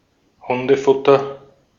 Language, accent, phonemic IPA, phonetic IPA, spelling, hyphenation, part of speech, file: German, Austria, /ˈhʊndəˌfʊtər/, [ˈhʊndəˌfʊtɐ], Hundefutter, Hun‧de‧fut‧ter, noun, De-at-Hundefutter.ogg
- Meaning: dog food